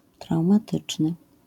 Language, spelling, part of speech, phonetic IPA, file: Polish, traumatyczny, adjective, [ˌtrawmaˈtɨt͡ʃnɨ], LL-Q809 (pol)-traumatyczny.wav